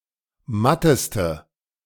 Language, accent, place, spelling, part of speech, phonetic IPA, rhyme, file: German, Germany, Berlin, matteste, adjective, [ˈmatəstə], -atəstə, De-matteste.ogg
- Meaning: inflection of matt: 1. strong/mixed nominative/accusative feminine singular superlative degree 2. strong nominative/accusative plural superlative degree